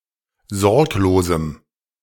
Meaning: strong dative masculine/neuter singular of sorglos
- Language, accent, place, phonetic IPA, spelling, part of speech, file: German, Germany, Berlin, [ˈzɔʁkloːzm̩], sorglosem, adjective, De-sorglosem.ogg